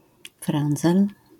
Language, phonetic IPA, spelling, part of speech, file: Polish, [ˈfrɛ̃nd͡zɛl], frędzel, noun, LL-Q809 (pol)-frędzel.wav